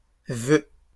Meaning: plural of vœu
- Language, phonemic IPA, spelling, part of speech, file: French, /vø/, vœux, noun, LL-Q150 (fra)-vœux.wav